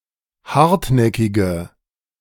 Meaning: inflection of hartnäckig: 1. strong/mixed nominative/accusative feminine singular 2. strong nominative/accusative plural 3. weak nominative all-gender singular
- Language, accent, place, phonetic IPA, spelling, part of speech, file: German, Germany, Berlin, [ˈhaʁtˌnɛkɪɡə], hartnäckige, adjective, De-hartnäckige.ogg